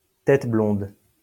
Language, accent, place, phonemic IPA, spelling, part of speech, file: French, France, Lyon, /tɛt blɔ̃d/, tête blonde, noun, LL-Q150 (fra)-tête blonde.wav
- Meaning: little child, little kid, little nipper